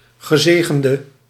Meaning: inflected form of gezegend (the past participle of zegenen)
- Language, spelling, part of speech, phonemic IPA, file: Dutch, gezegende, verb, /ɣəˈzeː.ɣən.də/, Nl-gezegende.ogg